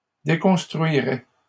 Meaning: third-person plural conditional of déconstruire
- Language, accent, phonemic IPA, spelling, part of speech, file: French, Canada, /de.kɔ̃s.tʁɥi.ʁɛ/, déconstruiraient, verb, LL-Q150 (fra)-déconstruiraient.wav